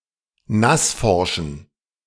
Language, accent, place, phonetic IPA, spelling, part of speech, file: German, Germany, Berlin, [ˈnasˌfɔʁʃn̩], nassforschen, adjective, De-nassforschen.ogg
- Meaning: inflection of nassforsch: 1. strong genitive masculine/neuter singular 2. weak/mixed genitive/dative all-gender singular 3. strong/weak/mixed accusative masculine singular 4. strong dative plural